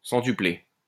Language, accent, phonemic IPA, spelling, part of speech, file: French, France, /sɑ̃.ty.ple/, centupler, verb, LL-Q150 (fra)-centupler.wav
- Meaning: to centuple, to multiply by one hundred